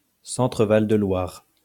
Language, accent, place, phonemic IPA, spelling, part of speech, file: French, France, Lyon, /sɑ̃.tʁə val də lwaʁ/, Centre-Val de Loire, proper noun, LL-Q150 (fra)-Centre-Val de Loire.wav
- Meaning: Centre-Val de Loire (an administrative region in central France, previously named Centre)